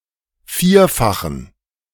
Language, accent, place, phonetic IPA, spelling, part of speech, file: German, Germany, Berlin, [ˈfiːɐ̯faxn̩], vierfachen, adjective, De-vierfachen.ogg
- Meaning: inflection of vierfach: 1. strong genitive masculine/neuter singular 2. weak/mixed genitive/dative all-gender singular 3. strong/weak/mixed accusative masculine singular 4. strong dative plural